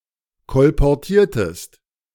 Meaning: inflection of kolportieren: 1. second-person singular preterite 2. second-person singular subjunctive II
- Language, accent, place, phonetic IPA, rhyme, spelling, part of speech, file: German, Germany, Berlin, [kɔlpɔʁˈtiːɐ̯təst], -iːɐ̯təst, kolportiertest, verb, De-kolportiertest.ogg